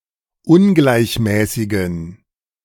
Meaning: inflection of ungleichmäßig: 1. strong genitive masculine/neuter singular 2. weak/mixed genitive/dative all-gender singular 3. strong/weak/mixed accusative masculine singular 4. strong dative plural
- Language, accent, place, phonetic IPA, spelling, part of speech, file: German, Germany, Berlin, [ˈʊnɡlaɪ̯çˌmɛːsɪɡn̩], ungleichmäßigen, adjective, De-ungleichmäßigen.ogg